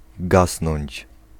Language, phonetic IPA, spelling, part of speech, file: Polish, [ˈɡasnɔ̃ɲt͡ɕ], gasnąć, verb, Pl-gasnąć.ogg